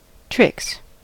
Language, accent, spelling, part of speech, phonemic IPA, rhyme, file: English, US, tricks, noun / verb, /tɹɪks/, -ɪks, En-us-tricks.ogg
- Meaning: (noun) plural of trick; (verb) third-person singular simple present indicative of trick